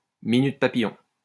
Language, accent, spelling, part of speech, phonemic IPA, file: French, France, minute papillon, interjection, /mi.nyt pa.pi.jɔ̃/, LL-Q150 (fra)-minute papillon.wav
- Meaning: hold your horses! not so fast! hang on!